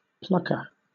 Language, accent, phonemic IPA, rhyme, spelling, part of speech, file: English, Southern England, /ˈplʌkə(ɹ)/, -ʌkə(ɹ), plucker, noun, LL-Q1860 (eng)-plucker.wav
- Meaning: 1. One who plucks 2. A machine for straightening and cleaning wool